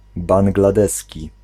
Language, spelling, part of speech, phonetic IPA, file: Polish, bangladeski, adjective, [ˌbãŋɡlaˈdɛsʲci], Pl-bangladeski.ogg